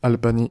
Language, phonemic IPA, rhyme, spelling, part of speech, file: French, /al.ba.ni/, -i, Albanie, proper noun, Fr-Albanie.ogg
- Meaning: Albania (a country in Southeastern Europe; capital and largest city: Tirana)